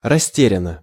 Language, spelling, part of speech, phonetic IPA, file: Russian, растерянно, adverb, [rɐˈsʲtʲerʲɪn(ː)ə], Ru-растерянно.ogg
- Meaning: perplexedly (in a confused or puzzled manner)